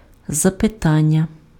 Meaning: question, query
- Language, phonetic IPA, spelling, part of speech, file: Ukrainian, [zɐpeˈtanʲːɐ], запитання, noun, Uk-запитання.ogg